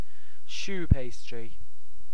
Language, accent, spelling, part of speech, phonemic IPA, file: English, UK, choux pastry, noun, /ʃuː ˈpeɪstɹi/, En-uk-choux pastry.ogg
- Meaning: A type of light pastry (made just from butter, water, flour and eggs) that is used to make profiteroles, éclairs, chouquettes, etc